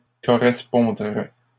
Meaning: third-person plural conditional of correspondre
- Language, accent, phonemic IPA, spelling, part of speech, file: French, Canada, /kɔ.ʁɛs.pɔ̃.dʁɛ/, correspondraient, verb, LL-Q150 (fra)-correspondraient.wav